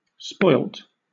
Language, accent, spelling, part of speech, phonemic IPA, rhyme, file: English, Southern England, spoilt, adjective / verb, /spɔɪlt/, -ɔɪlt, LL-Q1860 (eng)-spoilt.wav
- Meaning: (adjective) 1. Having lost its original value 2. Of food, that has deteriorated to the point of no longer being usable or edible 3. Having a selfish or greedy character, especially due to pampering